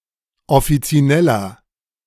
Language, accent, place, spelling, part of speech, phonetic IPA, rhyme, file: German, Germany, Berlin, offizineller, adjective, [ɔfit͡siˈnɛlɐ], -ɛlɐ, De-offizineller.ogg
- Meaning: inflection of offizinell: 1. strong/mixed nominative masculine singular 2. strong genitive/dative feminine singular 3. strong genitive plural